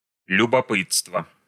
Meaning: inflection of любопы́тство (ljubopýtstvo): 1. genitive singular 2. nominative/accusative plural
- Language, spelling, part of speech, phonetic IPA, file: Russian, любопытства, noun, [lʲʊbɐˈpɨt͡stvə], Ru-любопытства.ogg